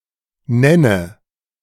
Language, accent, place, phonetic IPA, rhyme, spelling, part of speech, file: German, Germany, Berlin, [ˈnɛnə], -ɛnə, nenne, verb, De-nenne.ogg
- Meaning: inflection of nennen: 1. first-person singular present 2. first/third-person singular subjunctive I 3. singular imperative